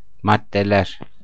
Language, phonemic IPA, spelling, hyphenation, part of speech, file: Turkish, /maddeˈleɾ/, maddeler, mad‧de‧ler, noun, Tur-maddeler.ogg
- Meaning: nominative plural of madde